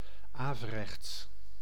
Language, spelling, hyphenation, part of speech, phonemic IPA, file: Dutch, averechts, ave‧rechts, adjective, /ˈaː.vəˌrɛx(t)s/, Nl-averechts.ogg
- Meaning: opposite, backwards, contrary